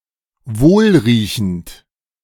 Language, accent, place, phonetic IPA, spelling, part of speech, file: German, Germany, Berlin, [ˈvoːlʁiːçn̩t], wohlriechend, adjective, De-wohlriechend.ogg
- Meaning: sweet (having a pleasant smell)